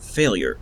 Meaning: State or condition of not meeting a desirable or intended objective, opposite of success
- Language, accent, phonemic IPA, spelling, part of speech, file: English, Canada, /ˈfeɪ.ljəɹ/, failure, noun, En-ca-failure.ogg